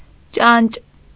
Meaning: fly (insect)
- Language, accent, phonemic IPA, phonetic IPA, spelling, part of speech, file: Armenian, Eastern Armenian, /t͡ʃɑnt͡ʃ/, [t͡ʃɑnt͡ʃ], ճանճ, noun, Hy-ճանճ.ogg